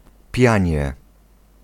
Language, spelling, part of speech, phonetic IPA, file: Polish, pianie, noun, [ˈpʲjä̃ɲɛ], Pl-pianie.ogg